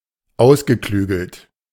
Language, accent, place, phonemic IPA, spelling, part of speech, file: German, Germany, Berlin, /ˈaʊ̯sɡəˌklyːɡl̩t/, ausgeklügelt, verb / adjective, De-ausgeklügelt.ogg
- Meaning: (verb) past participle of ausklügeln; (adjective) elaborate, ingenious